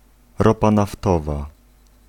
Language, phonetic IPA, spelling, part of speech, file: Polish, [ˈrɔpa naˈftɔva], ropa naftowa, noun, Pl-ropa naftowa.ogg